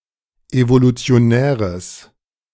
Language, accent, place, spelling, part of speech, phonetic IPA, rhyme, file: German, Germany, Berlin, evolutionäres, adjective, [ˌevolut͡si̯oˈnɛːʁəs], -ɛːʁəs, De-evolutionäres.ogg
- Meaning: strong/mixed nominative/accusative neuter singular of evolutionär